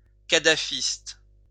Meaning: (noun) Gaddafist
- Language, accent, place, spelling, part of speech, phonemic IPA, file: French, France, Lyon, kadhafiste, noun / adjective, /ka.da.fist/, LL-Q150 (fra)-kadhafiste.wav